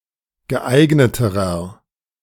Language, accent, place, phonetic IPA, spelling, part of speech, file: German, Germany, Berlin, [ɡəˈʔaɪ̯ɡnətəʁɐ], geeigneterer, adjective, De-geeigneterer.ogg
- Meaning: inflection of geeignet: 1. strong/mixed nominative masculine singular comparative degree 2. strong genitive/dative feminine singular comparative degree 3. strong genitive plural comparative degree